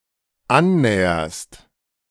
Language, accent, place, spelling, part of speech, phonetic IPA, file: German, Germany, Berlin, annäherst, verb, [ˈanˌnɛːɐst], De-annäherst.ogg
- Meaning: second-person singular dependent present of annähern